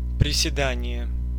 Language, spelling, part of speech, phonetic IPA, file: Russian, приседание, noun, [prʲɪsʲɪˈdanʲɪje], Ru-приседание.ogg
- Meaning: 1. crouching, squatting 2. squat 3. curtsey